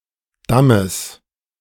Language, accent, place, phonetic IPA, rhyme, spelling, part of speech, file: German, Germany, Berlin, [ˈdaməs], -aməs, Dammes, noun, De-Dammes.ogg
- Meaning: genitive singular of Damm